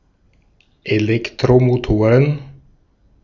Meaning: plural of Elektromotor
- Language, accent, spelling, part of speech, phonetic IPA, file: German, Austria, Elektromotoren, noun, [eˈlɛktʁomoˌtoːʁən], De-at-Elektromotoren.ogg